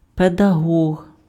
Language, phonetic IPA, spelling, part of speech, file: Ukrainian, [pedɐˈɦɔɦ], педагог, noun, Uk-педагог.ogg
- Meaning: pedagogue, teacher